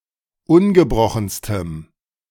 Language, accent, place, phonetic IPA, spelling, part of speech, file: German, Germany, Berlin, [ˈʊnɡəˌbʁɔxn̩stəm], ungebrochenstem, adjective, De-ungebrochenstem.ogg
- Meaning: strong dative masculine/neuter singular superlative degree of ungebrochen